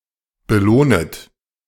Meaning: second-person plural subjunctive I of belohnen
- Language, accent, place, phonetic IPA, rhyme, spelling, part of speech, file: German, Germany, Berlin, [bəˈloːnət], -oːnət, belohnet, verb, De-belohnet.ogg